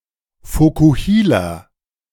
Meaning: 1. mullet (hairstyle) 2. a person who wears a mullet
- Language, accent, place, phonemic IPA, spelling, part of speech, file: German, Germany, Berlin, /ˌfo(ː)kuˈhiːla/, Vokuhila, noun, De-Vokuhila.ogg